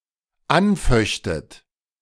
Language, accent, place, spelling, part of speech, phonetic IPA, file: German, Germany, Berlin, anföchtet, verb, [ˈanˌfœçtət], De-anföchtet.ogg
- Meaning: second-person plural dependent subjunctive II of anfechten